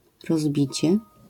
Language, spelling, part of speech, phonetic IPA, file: Polish, rozbicie, noun, [rɔzˈbʲit͡ɕɛ], LL-Q809 (pol)-rozbicie.wav